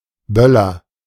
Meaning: 1. firecracker 2. a gun or cannon used for salutes
- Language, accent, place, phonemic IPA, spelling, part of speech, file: German, Germany, Berlin, /ˈbœlɐ/, Böller, noun, De-Böller.ogg